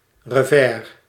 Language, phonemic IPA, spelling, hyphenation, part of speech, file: Dutch, /rəˈvɛːr/, revers, re‧vers, noun, Nl-revers.ogg
- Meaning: revers, lapel